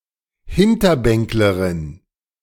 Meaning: female equivalent of Hinterbänkler (“backbencher”)
- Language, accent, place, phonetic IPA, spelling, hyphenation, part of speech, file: German, Germany, Berlin, [ˈhɪntɐˌbɛŋkləʁɪn], Hinterbänklerin, Hin‧ter‧bänk‧le‧rin, noun, De-Hinterbänklerin.ogg